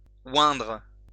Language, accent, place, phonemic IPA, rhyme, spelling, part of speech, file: French, France, Lyon, /wɛ̃dʁ/, -wɛ̃dʁ, oindre, verb, LL-Q150 (fra)-oindre.wav
- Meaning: to anoint